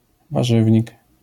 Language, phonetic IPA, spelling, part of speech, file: Polish, [vaˈʒɨvʲɲik], warzywnik, noun, LL-Q809 (pol)-warzywnik.wav